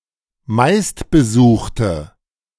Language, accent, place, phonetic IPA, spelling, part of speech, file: German, Germany, Berlin, [ˈmaɪ̯stbəˌzuːxtə], meistbesuchte, adjective, De-meistbesuchte.ogg
- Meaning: inflection of meistbesucht: 1. strong/mixed nominative/accusative feminine singular 2. strong nominative/accusative plural 3. weak nominative all-gender singular